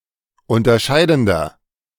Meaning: inflection of unterscheidend: 1. strong/mixed nominative masculine singular 2. strong genitive/dative feminine singular 3. strong genitive plural
- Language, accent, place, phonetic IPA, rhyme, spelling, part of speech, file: German, Germany, Berlin, [ˌʊntɐˈʃaɪ̯dn̩dɐ], -aɪ̯dn̩dɐ, unterscheidender, adjective, De-unterscheidender.ogg